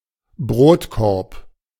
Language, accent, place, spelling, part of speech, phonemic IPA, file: German, Germany, Berlin, Brotkorb, noun, /ˈbʁoːtˌkɔʁp/, De-Brotkorb.ogg
- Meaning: bread bin, breadbasket